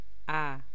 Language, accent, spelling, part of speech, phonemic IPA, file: Persian, Iran, ا, character, /ælef/, Fa-ا.ogg
- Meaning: The first letter of the Persian alphabet, called اَلِف (alef) and written in the Arabic script; followed by ب